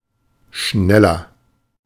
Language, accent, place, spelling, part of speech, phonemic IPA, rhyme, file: German, Germany, Berlin, schneller, adjective, /ˈʃnɛlɐ/, -ɛlɐ, De-schneller.ogg
- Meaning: 1. comparative degree of schnell 2. inflection of schnell: strong/mixed nominative masculine singular 3. inflection of schnell: strong genitive/dative feminine singular